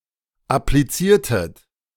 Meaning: inflection of applizieren: 1. second-person plural preterite 2. second-person plural subjunctive II
- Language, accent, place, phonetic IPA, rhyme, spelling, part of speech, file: German, Germany, Berlin, [apliˈt͡siːɐ̯tət], -iːɐ̯tət, appliziertet, verb, De-appliziertet.ogg